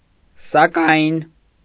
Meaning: but, however, yet
- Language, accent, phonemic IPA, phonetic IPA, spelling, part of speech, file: Armenian, Eastern Armenian, /sɑˈkɑjn/, [sɑkɑ́jn], սակայն, conjunction, Hy-սակայն.ogg